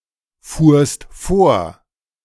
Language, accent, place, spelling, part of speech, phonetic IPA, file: German, Germany, Berlin, fuhrst vor, verb, [fuːɐ̯st ˈfoːɐ̯], De-fuhrst vor.ogg
- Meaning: second-person singular preterite of vorfahren